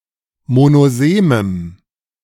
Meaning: strong dative masculine/neuter singular of monosem
- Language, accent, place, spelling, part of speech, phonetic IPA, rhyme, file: German, Germany, Berlin, monosemem, adjective, [monoˈzeːməm], -eːməm, De-monosemem.ogg